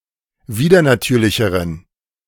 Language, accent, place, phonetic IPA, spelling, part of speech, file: German, Germany, Berlin, [ˈviːdɐnaˌtyːɐ̯lɪçəʁən], widernatürlicheren, adjective, De-widernatürlicheren.ogg
- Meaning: inflection of widernatürlich: 1. strong genitive masculine/neuter singular comparative degree 2. weak/mixed genitive/dative all-gender singular comparative degree